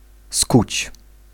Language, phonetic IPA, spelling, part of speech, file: Polish, [skut͡ɕ], skuć, verb, Pl-skuć.ogg